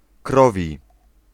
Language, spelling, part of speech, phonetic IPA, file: Polish, krowi, adjective, [ˈkrɔvʲi], Pl-krowi.ogg